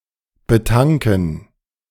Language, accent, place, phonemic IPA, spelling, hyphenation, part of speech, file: German, Germany, Berlin, /bəˈtaŋkən/, betanken, be‧tan‧ken, verb, De-betanken.ogg
- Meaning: to fuel